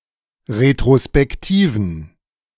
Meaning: inflection of retrospektiv: 1. strong genitive masculine/neuter singular 2. weak/mixed genitive/dative all-gender singular 3. strong/weak/mixed accusative masculine singular 4. strong dative plural
- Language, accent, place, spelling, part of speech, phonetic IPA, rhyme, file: German, Germany, Berlin, retrospektiven, adjective, [ʁetʁospɛkˈtiːvn̩], -iːvn̩, De-retrospektiven.ogg